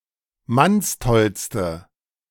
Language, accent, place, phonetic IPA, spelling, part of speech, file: German, Germany, Berlin, [ˈmansˌtɔlstə], mannstollste, adjective, De-mannstollste.ogg
- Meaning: inflection of mannstoll: 1. strong/mixed nominative/accusative feminine singular superlative degree 2. strong nominative/accusative plural superlative degree